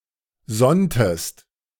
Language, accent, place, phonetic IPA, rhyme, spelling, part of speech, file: German, Germany, Berlin, [ˈzɔntəst], -ɔntəst, sonntest, verb, De-sonntest.ogg
- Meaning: inflection of sonnen: 1. second-person singular preterite 2. second-person singular subjunctive II